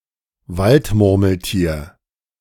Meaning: groundhog, woodchuck
- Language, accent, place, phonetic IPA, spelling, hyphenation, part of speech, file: German, Germany, Berlin, [ˈvaltmʊʁml̩tiːɐ̯], Waldmurmeltier, Wald‧mur‧mel‧tier, noun, De-Waldmurmeltier.ogg